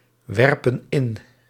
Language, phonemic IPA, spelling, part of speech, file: Dutch, /ˈwɛrpə(n) ˈɪn/, werpen in, verb, Nl-werpen in.ogg
- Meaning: inflection of inwerpen: 1. plural present indicative 2. plural present subjunctive